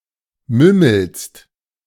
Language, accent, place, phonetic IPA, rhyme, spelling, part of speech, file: German, Germany, Berlin, [ˈmʏml̩st], -ʏml̩st, mümmelst, verb, De-mümmelst.ogg
- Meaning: second-person singular present of mümmeln